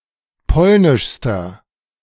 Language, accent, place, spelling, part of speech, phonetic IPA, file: German, Germany, Berlin, polnischster, adjective, [ˈpɔlnɪʃstɐ], De-polnischster.ogg
- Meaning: inflection of polnisch: 1. strong/mixed nominative masculine singular superlative degree 2. strong genitive/dative feminine singular superlative degree 3. strong genitive plural superlative degree